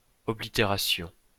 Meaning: 1. cancellation (of a postage stamp); postmark 2. obstruction (of an artery etc)
- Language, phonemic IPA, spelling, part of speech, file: French, /ɔ.bli.te.ʁa.sjɔ̃/, oblitération, noun, LL-Q150 (fra)-oblitération.wav